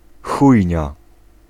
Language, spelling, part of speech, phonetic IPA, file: Polish, chujnia, noun, [ˈxujɲa], Pl-chujnia.ogg